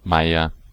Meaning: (noun) 1. administrator or leaseholder of a manor 2. independent peasant or tenant 3. any plant of the genus Asperula; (proper noun) a German and Jewish surname originating as an occupation
- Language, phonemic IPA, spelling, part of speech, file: German, /ˈmaɪ̯ɐ/, Meier, noun / proper noun, De-Meier.ogg